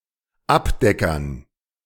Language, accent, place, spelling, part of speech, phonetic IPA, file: German, Germany, Berlin, Abdeckern, noun, [ˈapˌdɛkɐn], De-Abdeckern.ogg
- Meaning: dative plural of Abdecker